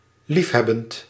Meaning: present participle of liefhebben
- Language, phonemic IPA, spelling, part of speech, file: Dutch, /ˈlifhɛbənt/, liefhebbend, verb / adjective, Nl-liefhebbend.ogg